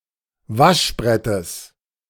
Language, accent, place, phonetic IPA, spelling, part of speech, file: German, Germany, Berlin, [ˈvaʃˌbʁɛtəs], Waschbrettes, noun, De-Waschbrettes.ogg
- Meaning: genitive singular of Waschbrett